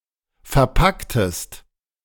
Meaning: inflection of verpacken: 1. second-person singular preterite 2. second-person singular subjunctive II
- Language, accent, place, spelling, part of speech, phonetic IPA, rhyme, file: German, Germany, Berlin, verpacktest, verb, [fɛɐ̯ˈpaktəst], -aktəst, De-verpacktest.ogg